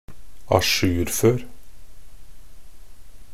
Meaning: imperative of ajourføre
- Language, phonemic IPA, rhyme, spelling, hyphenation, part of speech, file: Norwegian Bokmål, /aˈʃʉːrføːr/, -øːr, ajourfør, a‧jour‧før, verb, Nb-ajourfør.ogg